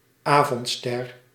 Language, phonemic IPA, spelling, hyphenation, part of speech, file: Dutch, /ˈaː.vɔntˌstɛr/, avondster, avond‧ster, noun, Nl-avondster.ogg
- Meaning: 1. evening star; the planet Venus as seen in the western sky in the evening 2. evening star; any star seen in the evening, especially the planets Mercury and Jupiter